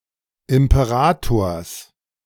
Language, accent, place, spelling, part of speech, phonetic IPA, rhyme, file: German, Germany, Berlin, Imperators, noun, [ɪmpəˈʁaːtoːɐ̯s], -aːtoːɐ̯s, De-Imperators.ogg
- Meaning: genitive of Imperator